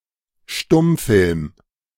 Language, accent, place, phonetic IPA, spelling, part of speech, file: German, Germany, Berlin, [ˈʃtʊmˌfɪlm], Stummfilm, noun, De-Stummfilm.ogg
- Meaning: silent film, silent movie